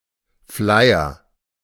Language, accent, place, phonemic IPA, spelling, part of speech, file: German, Germany, Berlin, /ˈflaɪ̯ɐ/, Flyer, noun, De-Flyer.ogg
- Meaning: 1. flyer (leaflet) 2. flyer (part of a spinning machine)